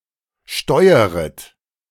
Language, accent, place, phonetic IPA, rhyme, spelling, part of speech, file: German, Germany, Berlin, [ˈʃtɔɪ̯əʁət], -ɔɪ̯əʁət, steueret, verb, De-steueret.ogg
- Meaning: second-person plural subjunctive I of steuern